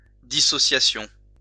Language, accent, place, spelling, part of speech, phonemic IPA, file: French, France, Lyon, dissociation, noun, /di.sɔ.sja.sjɔ̃/, LL-Q150 (fra)-dissociation.wav
- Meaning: dissociation